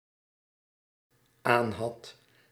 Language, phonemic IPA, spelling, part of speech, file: Dutch, /ˈanhɑt/, aanhad, verb, Nl-aanhad.ogg
- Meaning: singular dependent-clause past indicative of aanhebben